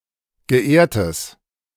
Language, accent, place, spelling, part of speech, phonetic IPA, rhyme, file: German, Germany, Berlin, geehrtes, adjective, [ɡəˈʔeːɐ̯təs], -eːɐ̯təs, De-geehrtes.ogg
- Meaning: strong/mixed nominative/accusative neuter singular of geehrt